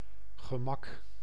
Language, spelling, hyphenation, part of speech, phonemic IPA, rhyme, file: Dutch, gemak, ge‧mak, noun, /ɣəˈmɑk/, -ɑk, Nl-gemak.ogg
- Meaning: 1. convenience 2. ease, comfort 3. toilet